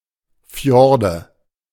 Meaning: nominative/accusative/genitive plural of Fjord
- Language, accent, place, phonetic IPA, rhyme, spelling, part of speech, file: German, Germany, Berlin, [ˈfjɔʁdə], -ɔʁdə, Fjorde, noun, De-Fjorde.ogg